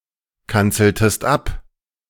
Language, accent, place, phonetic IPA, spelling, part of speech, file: German, Germany, Berlin, [ˌkant͡sl̩təst ˈap], kanzeltest ab, verb, De-kanzeltest ab.ogg
- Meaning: inflection of abkanzeln: 1. second-person singular preterite 2. second-person singular subjunctive II